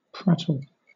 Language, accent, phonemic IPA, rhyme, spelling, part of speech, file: English, Southern England, /ˈpɹætəl/, -ætəl, prattle, verb / noun, LL-Q1860 (eng)-prattle.wav
- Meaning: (verb) To speak incessantly and in an inconsequential or childish manner; to babble; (noun) Silly, childish talk; babble